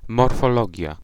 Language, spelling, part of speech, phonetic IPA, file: Polish, morfologia, noun, [ˌmɔrfɔˈlɔɟja], Pl-morfologia.ogg